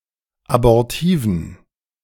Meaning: inflection of abortiv: 1. strong genitive masculine/neuter singular 2. weak/mixed genitive/dative all-gender singular 3. strong/weak/mixed accusative masculine singular 4. strong dative plural
- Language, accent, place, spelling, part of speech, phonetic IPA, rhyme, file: German, Germany, Berlin, abortiven, adjective, [abɔʁˈtiːvn̩], -iːvn̩, De-abortiven.ogg